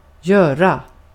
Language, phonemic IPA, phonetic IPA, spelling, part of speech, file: Swedish, /²jøːra/, [²jœːɾa], göra, noun / verb, Sv-göra.ogg
- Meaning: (noun) work, task; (verb) 1. to do (be occupied with an activity) 2. to make, to produce, to create 3. to cause, to make, to have an effect